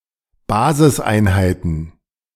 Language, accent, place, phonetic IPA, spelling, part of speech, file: German, Germany, Berlin, [ˈbaːzɪsˌʔaɪ̯nhaɪ̯tn̩], Basiseinheiten, noun, De-Basiseinheiten.ogg
- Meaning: plural of Basiseinheit